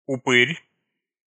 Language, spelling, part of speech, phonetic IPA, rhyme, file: Russian, упырь, noun, [ʊˈpɨrʲ], -ɨrʲ, Ru-упырь.ogg
- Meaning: 1. vampire 2. bloodsucker, ghoul, sadist (a cruel person) 3. asshole, leech (a mean and contemptible person, especially one who takes advantage of others)